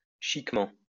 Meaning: chicly, fashionably
- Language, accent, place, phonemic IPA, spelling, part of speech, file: French, France, Lyon, /ʃik.mɑ̃/, chiquement, adverb, LL-Q150 (fra)-chiquement.wav